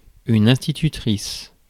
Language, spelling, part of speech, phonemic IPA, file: French, institutrice, noun, /ɛ̃s.ti.ty.tʁis/, Fr-institutrice.ogg
- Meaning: teacher (in a school); female equivalent of instituteur